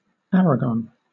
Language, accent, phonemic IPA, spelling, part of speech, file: English, Southern England, /ˈæɹəɡən/, Aragon, proper noun, LL-Q1860 (eng)-Aragon.wav
- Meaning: 1. An autonomous community in northeastern Spain. Capital: Zaragoza 2. A river in the autonomous communities of Aragon and Navarre, Spain; in full, Aragon River